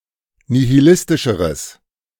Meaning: strong/mixed nominative/accusative neuter singular comparative degree of nihilistisch
- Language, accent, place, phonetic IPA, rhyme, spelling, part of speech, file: German, Germany, Berlin, [nihiˈlɪstɪʃəʁəs], -ɪstɪʃəʁəs, nihilistischeres, adjective, De-nihilistischeres.ogg